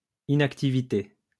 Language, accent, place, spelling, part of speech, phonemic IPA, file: French, France, Lyon, inactivité, noun, /i.nak.ti.vi.te/, LL-Q150 (fra)-inactivité.wav
- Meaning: inactivity, idleness